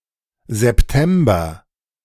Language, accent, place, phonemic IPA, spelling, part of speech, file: German, Germany, Berlin, /zɛpˈtɛmbɐ/, September, noun, De-September2.ogg
- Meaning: September (the ninth month of the Gregorian calendar, following August and preceding October, containing the southward equinox)